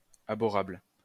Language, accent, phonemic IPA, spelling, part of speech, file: French, France, /a.bɔ.ʁabl/, abhorrable, adjective, LL-Q150 (fra)-abhorrable.wav
- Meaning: abhorrable